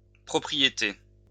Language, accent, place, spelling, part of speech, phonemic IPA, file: French, France, Lyon, propriétés, noun, /pʁɔ.pʁi.je.te/, LL-Q150 (fra)-propriétés.wav
- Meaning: plural of propriété